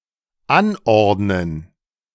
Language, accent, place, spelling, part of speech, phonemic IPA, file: German, Germany, Berlin, anordnen, verb, /ˈanˌʔɔʁdnən/, De-anordnen.ogg
- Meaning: 1. to arrange, to put into a certain order (a set of items) 2. to order, to mandate (actions, measures)